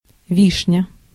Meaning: cherry, sour cherry (Prunus cerasus)
- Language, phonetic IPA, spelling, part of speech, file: Russian, [ˈvʲiʂnʲə], вишня, noun, Ru-вишня.ogg